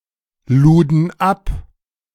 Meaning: first/third-person plural preterite of abladen
- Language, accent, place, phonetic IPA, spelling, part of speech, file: German, Germany, Berlin, [ˌluːdn̩ ˈap], luden ab, verb, De-luden ab.ogg